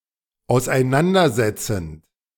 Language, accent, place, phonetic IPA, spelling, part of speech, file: German, Germany, Berlin, [aʊ̯sʔaɪ̯ˈnandɐzɛt͡sn̩t], auseinandersetzend, verb, De-auseinandersetzend.ogg
- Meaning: present participle of auseinandersetzen